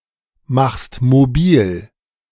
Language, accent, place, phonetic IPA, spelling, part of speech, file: German, Germany, Berlin, [ˌmaxst moˈbiːl], machst mobil, verb, De-machst mobil.ogg
- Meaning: second-person singular present of mobilmachen